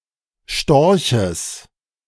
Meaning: genitive singular of Storch
- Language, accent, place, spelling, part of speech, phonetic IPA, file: German, Germany, Berlin, Storches, noun, [ˈʃtɔʁçəs], De-Storches.ogg